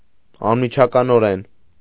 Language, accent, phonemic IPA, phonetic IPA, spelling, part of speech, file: Armenian, Eastern Armenian, /ɑnmit͡ʃʰɑkɑnoˈɾen/, [ɑnmit͡ʃʰɑkɑnoɾén], անմիջականորեն, adverb, Hy-անմիջականորեն.ogg
- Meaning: immediately, instantly, right away